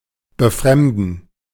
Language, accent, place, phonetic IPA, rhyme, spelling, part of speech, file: German, Germany, Berlin, [bəˈfʁɛmdn̩], -ɛmdn̩, Befremden, noun, De-Befremden.ogg
- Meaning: 1. gerund of befremden 2. disconcertment, displeasure